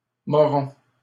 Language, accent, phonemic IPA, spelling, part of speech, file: French, Canada, /mɔ.ʁɔ̃/, moron, noun / adjective, LL-Q150 (fra)-moron.wav
- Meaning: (noun) moron, idiot; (adjective) stupid